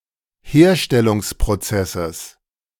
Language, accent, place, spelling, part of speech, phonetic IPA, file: German, Germany, Berlin, Herstellungsprozesses, noun, [ˈheːɐ̯ʃtɛlʊŋspʁoˌt͡sɛsəs], De-Herstellungsprozesses.ogg
- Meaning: genitive singular of Herstellungsprozess